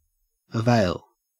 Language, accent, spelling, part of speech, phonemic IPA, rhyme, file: English, Australia, avail, verb / noun / adjective, /əˈveɪl/, -eɪl, En-au-avail.ogg
- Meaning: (verb) 1. To turn to the advantage of 2. To be of service to 3. To promote; to assist